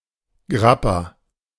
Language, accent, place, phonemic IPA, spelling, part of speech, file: German, Germany, Berlin, /ˈɡʁapa/, Grappa, noun, De-Grappa.ogg
- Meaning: grappa